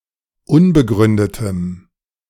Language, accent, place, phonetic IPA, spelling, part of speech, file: German, Germany, Berlin, [ˈʊnbəˌɡʁʏndətəm], unbegründetem, adjective, De-unbegründetem.ogg
- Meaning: strong dative masculine/neuter singular of unbegründet